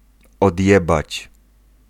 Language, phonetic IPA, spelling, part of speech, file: Polish, [ɔdʲˈjɛbat͡ɕ], odjebać, verb, Pl-odjebać.ogg